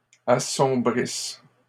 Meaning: second-person singular present/imperfect subjunctive of assombrir
- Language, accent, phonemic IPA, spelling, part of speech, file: French, Canada, /a.sɔ̃.bʁis/, assombrisses, verb, LL-Q150 (fra)-assombrisses.wav